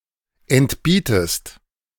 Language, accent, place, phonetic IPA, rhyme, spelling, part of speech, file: German, Germany, Berlin, [ɛntˈbiːtəst], -iːtəst, entbietest, verb, De-entbietest.ogg
- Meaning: inflection of entbieten: 1. second-person singular present 2. second-person singular subjunctive I